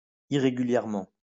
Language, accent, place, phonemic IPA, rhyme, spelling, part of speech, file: French, France, Lyon, /i.ʁe.ɡy.ljɛʁ.mɑ̃/, -ɑ̃, irrégulièrement, adverb, LL-Q150 (fra)-irrégulièrement.wav
- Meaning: irregularly (in a way which is not regular)